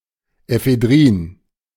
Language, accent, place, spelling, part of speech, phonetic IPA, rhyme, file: German, Germany, Berlin, Ephedrin, noun, [efeˈdʁiːn], -iːn, De-Ephedrin.ogg
- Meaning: ephedrine